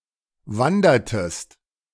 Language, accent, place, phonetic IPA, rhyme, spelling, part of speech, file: German, Germany, Berlin, [ˈvandɐtəst], -andɐtəst, wandertest, verb, De-wandertest.ogg
- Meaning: inflection of wandern: 1. second-person singular preterite 2. second-person singular subjunctive II